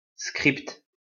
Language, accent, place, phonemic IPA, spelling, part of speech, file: French, France, Lyon, /skʁipt/, script, noun, LL-Q150 (fra)-script.wav
- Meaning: script (written dialogue for a play, film, etc.)